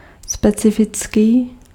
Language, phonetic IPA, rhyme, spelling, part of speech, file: Czech, [ˈspɛt͡sɪfɪt͡skiː], -ɪtskiː, specifický, adjective, Cs-specifický.ogg
- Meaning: specific